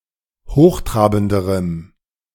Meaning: strong dative masculine/neuter singular comparative degree of hochtrabend
- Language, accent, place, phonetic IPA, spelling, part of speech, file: German, Germany, Berlin, [ˈhoːxˌtʁaːbn̩dəʁəm], hochtrabenderem, adjective, De-hochtrabenderem.ogg